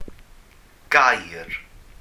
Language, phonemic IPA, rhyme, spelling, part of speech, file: Welsh, /ɡai̯r/, -ai̯r, gair, noun, Cy-gair.ogg
- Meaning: word